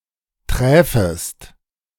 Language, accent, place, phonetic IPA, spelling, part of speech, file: German, Germany, Berlin, [ˈtʁɛːfəst], träfest, verb, De-träfest.ogg
- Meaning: second-person singular subjunctive II of treffen